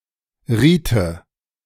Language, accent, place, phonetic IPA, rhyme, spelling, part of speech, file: German, Germany, Berlin, [ˈʁiːtə], -iːtə, riete, verb, De-riete.ogg
- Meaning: first/third-person singular subjunctive II of raten